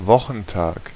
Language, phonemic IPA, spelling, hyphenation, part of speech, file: German, /ˈvɔχn̩ˌtaːk/, Wochentag, Wo‧chen‧tag, noun, De-Wochentag.ogg
- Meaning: 1. weekday (any day of the week) 2. weekday (any day of the week except Sunday)